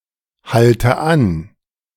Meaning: inflection of anhalten: 1. first-person singular present 2. first/third-person singular subjunctive I 3. singular imperative
- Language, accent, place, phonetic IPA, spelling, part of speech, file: German, Germany, Berlin, [ˌhaltə ˈan], halte an, verb, De-halte an.ogg